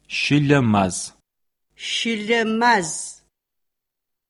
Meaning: January
- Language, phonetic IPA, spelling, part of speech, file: Adyghe, [ɕəlamaːz], щылэмаз, noun, CircassianMonth1.ogg